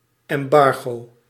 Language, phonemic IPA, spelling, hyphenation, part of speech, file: Dutch, /ˌɛmˈbɑr.ɣoː/, embargo, em‧bar‧go, noun, Nl-embargo.ogg
- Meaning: 1. embargo (order prohibiting ships from leaving port) 2. embargo (ban on trade with another country) 3. embargo (temporary ban or restriction on making certain information public)